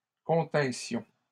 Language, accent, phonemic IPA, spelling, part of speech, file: French, Canada, /kɔ̃.tɛ̃.sjɔ̃/, continssions, verb, LL-Q150 (fra)-continssions.wav
- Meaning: first-person plural imperfect subjunctive of contenir